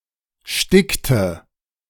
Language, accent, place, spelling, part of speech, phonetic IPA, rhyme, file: German, Germany, Berlin, stickte, verb, [ˈʃtɪktə], -ɪktə, De-stickte.ogg
- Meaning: inflection of sticken: 1. first/third-person singular preterite 2. first/third-person singular subjunctive II